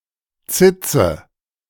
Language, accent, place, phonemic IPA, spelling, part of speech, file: German, Germany, Berlin, /ˈtsɪtsə/, Zitze, noun, De-Zitze.ogg
- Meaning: teat, tit